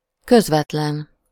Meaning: 1. unaffected, natural, approachable 2. direct, nonstop
- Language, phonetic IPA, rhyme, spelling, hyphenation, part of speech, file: Hungarian, [ˈkøzvɛtlɛn], -ɛn, közvetlen, köz‧vet‧len, adjective, Hu-közvetlen.ogg